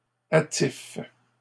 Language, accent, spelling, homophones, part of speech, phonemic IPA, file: French, Canada, attife, attifent / attifes, verb, /a.tif/, LL-Q150 (fra)-attife.wav
- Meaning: inflection of attifer: 1. first/third-person singular present indicative/subjunctive 2. second-person singular imperative